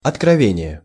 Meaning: 1. revelation (the act of revealing or disclosing) 2. afflatus
- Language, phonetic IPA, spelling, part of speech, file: Russian, [ɐtkrɐˈvʲenʲɪje], откровение, noun, Ru-откровение.ogg